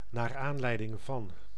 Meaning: because of, on account of
- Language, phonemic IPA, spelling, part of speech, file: Dutch, /naːr ˈaːnlɛi̯dɪŋ vɑn/, naar aanleiding van, preposition, Nl-naar aanleiding van.ogg